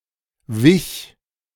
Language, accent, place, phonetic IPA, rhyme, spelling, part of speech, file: German, Germany, Berlin, [vɪç], -ɪç, wich, verb, De-wich.ogg
- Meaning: first/third-person singular preterite of weichen